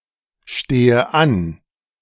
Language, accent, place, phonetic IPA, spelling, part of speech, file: German, Germany, Berlin, [ˌʃteːə ˈan], stehe an, verb, De-stehe an.ogg
- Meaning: inflection of anstehen: 1. first-person singular present 2. first/third-person singular subjunctive I 3. singular imperative